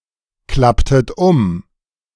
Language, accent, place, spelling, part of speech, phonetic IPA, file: German, Germany, Berlin, klapptet um, verb, [ˌklaptət ˈʊm], De-klapptet um.ogg
- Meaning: inflection of umklappen: 1. second-person plural preterite 2. second-person plural subjunctive II